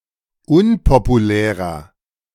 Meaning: 1. comparative degree of unpopulär 2. inflection of unpopulär: strong/mixed nominative masculine singular 3. inflection of unpopulär: strong genitive/dative feminine singular
- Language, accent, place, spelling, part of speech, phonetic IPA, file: German, Germany, Berlin, unpopulärer, adjective, [ˈʊnpopuˌlɛːʁɐ], De-unpopulärer.ogg